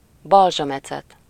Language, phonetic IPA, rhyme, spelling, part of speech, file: Hungarian, [ˈbɒlʒɒmɛt͡sɛt], -ɛt, balzsamecet, noun, Hu-balzsamecet.ogg
- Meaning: balsamic vinegar